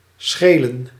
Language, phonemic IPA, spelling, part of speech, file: Dutch, /ˈsxelə(n)/, schelen, verb / noun, Nl-schelen.ogg
- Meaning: 1. to ail (cause to suffer) 2. to make a difference